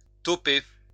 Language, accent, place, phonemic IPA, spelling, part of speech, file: French, France, Lyon, /tɔ.pe/, toper, verb, LL-Q150 (fra)-toper.wav
- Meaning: 1. to agree, consent 2. to shake on it 3. to top out